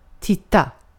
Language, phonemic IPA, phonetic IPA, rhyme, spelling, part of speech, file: Swedish, /²tɪta/, [ˈtɪˌta], -ɪta, titta, verb, Sv-titta.ogg
- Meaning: 1. to look; keep one's eyes open as to be able to see 2. to look (to try to see something) 3. to watch something happen; to be a spectator